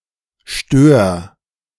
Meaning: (noun) sturgeon (fish); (proper noun) Stör (a river in northern Germany)
- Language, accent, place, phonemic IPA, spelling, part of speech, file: German, Germany, Berlin, /ʃtøːr/, Stör, noun / proper noun, De-Stör.ogg